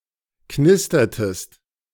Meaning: inflection of knistern: 1. second-person singular preterite 2. second-person singular subjunctive II
- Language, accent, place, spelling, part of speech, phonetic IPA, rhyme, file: German, Germany, Berlin, knistertest, verb, [ˈknɪstɐtəst], -ɪstɐtəst, De-knistertest.ogg